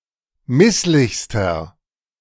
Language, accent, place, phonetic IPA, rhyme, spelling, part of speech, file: German, Germany, Berlin, [ˈmɪslɪçstɐ], -ɪslɪçstɐ, misslichster, adjective, De-misslichster.ogg
- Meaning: inflection of misslich: 1. strong/mixed nominative masculine singular superlative degree 2. strong genitive/dative feminine singular superlative degree 3. strong genitive plural superlative degree